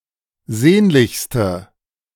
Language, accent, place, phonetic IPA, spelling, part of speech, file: German, Germany, Berlin, [ˈzeːnlɪçstə], sehnlichste, adjective, De-sehnlichste.ogg
- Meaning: inflection of sehnlich: 1. strong/mixed nominative/accusative feminine singular superlative degree 2. strong nominative/accusative plural superlative degree